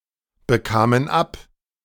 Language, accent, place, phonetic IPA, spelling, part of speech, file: German, Germany, Berlin, [bəˌkaːmən ˈap], bekamen ab, verb, De-bekamen ab.ogg
- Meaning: first/third-person plural preterite of abbekommen